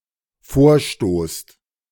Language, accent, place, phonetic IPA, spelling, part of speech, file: German, Germany, Berlin, [ˈfoːɐ̯ˌʃtoːst], vorstoßt, verb, De-vorstoßt.ogg
- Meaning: second-person plural dependent present of vorstoßen